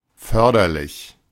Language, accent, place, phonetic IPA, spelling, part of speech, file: German, Germany, Berlin, [ˈfœʁdɐlɪç], förderlich, adjective, De-förderlich.ogg
- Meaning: beneficial, useful